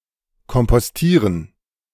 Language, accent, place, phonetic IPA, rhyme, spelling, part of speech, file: German, Germany, Berlin, [kɔmpɔsˈtiːʁən], -iːʁən, kompostieren, verb, De-kompostieren.ogg
- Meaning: to compost